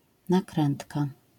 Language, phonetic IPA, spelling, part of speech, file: Polish, [naˈkrɛ̃ntka], nakrętka, noun, LL-Q809 (pol)-nakrętka.wav